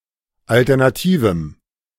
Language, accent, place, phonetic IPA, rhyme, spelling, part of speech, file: German, Germany, Berlin, [ˌaltɛʁnaˈtiːvm̩], -iːvm̩, alternativem, adjective, De-alternativem.ogg
- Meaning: strong dative masculine/neuter singular of alternativ